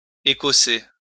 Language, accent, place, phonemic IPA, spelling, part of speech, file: French, France, Lyon, /e.kɔ.se/, écosser, verb, LL-Q150 (fra)-écosser.wav
- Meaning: to shell (e.g. a nut)